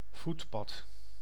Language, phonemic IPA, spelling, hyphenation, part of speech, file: Dutch, /ˈvutpɑt/, voetpad, voet‧pad, noun, Nl-voetpad.ogg
- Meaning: footpath, especially a paved walkway